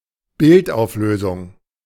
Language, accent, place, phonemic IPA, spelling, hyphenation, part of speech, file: German, Germany, Berlin, /ˈbɪlt.aʊ̯f.løːzʊŋ/, Bildauflösung, Bild‧auf‧lö‧sung, noun, De-Bildauflösung.ogg
- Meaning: image resolution